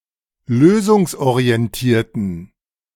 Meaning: inflection of lösungsorientiert: 1. strong genitive masculine/neuter singular 2. weak/mixed genitive/dative all-gender singular 3. strong/weak/mixed accusative masculine singular
- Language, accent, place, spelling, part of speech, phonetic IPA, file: German, Germany, Berlin, lösungsorientierten, adjective, [ˈløːzʊŋsʔoʁiɛnˌtiːɐ̯tn̩], De-lösungsorientierten.ogg